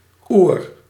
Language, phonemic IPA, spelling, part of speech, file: Dutch, /ur/, oer-, prefix, Nl-oer-.ogg
- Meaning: 1. ur-, proto-: primordial, primeval, original 2. very, intensely, extremely